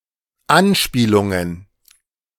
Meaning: plural of Anspielung
- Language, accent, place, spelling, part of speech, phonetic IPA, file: German, Germany, Berlin, Anspielungen, noun, [ˈanˌʃpiːlʊŋən], De-Anspielungen.ogg